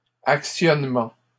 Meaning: actuation
- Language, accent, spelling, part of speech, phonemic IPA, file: French, Canada, actionnement, noun, /ak.sjɔn.mɑ̃/, LL-Q150 (fra)-actionnement.wav